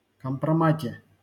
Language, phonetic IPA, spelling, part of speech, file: Russian, [kəmprɐˈmatʲe], компромате, noun, LL-Q7737 (rus)-компромате.wav
- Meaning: prepositional singular of компрома́т (kompromát)